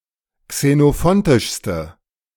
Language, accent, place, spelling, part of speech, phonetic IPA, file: German, Germany, Berlin, xenophontischste, adjective, [ksenoˈfɔntɪʃstə], De-xenophontischste.ogg
- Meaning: inflection of xenophontisch: 1. strong/mixed nominative/accusative feminine singular superlative degree 2. strong nominative/accusative plural superlative degree